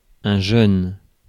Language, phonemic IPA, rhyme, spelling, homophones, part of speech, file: French, /ʒœn/, -œn, jeune, jeunes, adjective / noun, Fr-jeune.ogg
- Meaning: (adjective) 1. young 2. who has recently acquired a new status, who has newly become something (without being necessarily young in absolute terms); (noun) youth, a young person